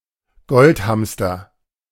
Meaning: golden hamster
- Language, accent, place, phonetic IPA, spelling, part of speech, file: German, Germany, Berlin, [ˈɡɔltˌhamstɐ], Goldhamster, noun, De-Goldhamster.ogg